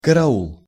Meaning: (noun) guard; watch; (interjection) help!
- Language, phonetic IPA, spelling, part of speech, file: Russian, [kərɐˈuɫ], караул, noun / interjection, Ru-караул.ogg